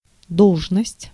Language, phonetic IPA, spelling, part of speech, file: Russian, [ˈdoɫʐnəsʲtʲ], должность, noun, Ru-должность.ogg
- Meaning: office, post, appointment, position